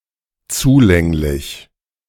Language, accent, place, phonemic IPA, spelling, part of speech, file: German, Germany, Berlin, /ˈt͡suˌlɛŋlɪç/, zulänglich, adjective, De-zulänglich.ogg
- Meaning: adequate, sufficient